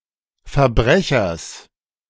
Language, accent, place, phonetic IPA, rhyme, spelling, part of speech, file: German, Germany, Berlin, [fɛɐ̯ˈbʁɛçɐs], -ɛçɐs, Verbrechers, noun, De-Verbrechers.ogg
- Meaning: genitive singular of Verbrecher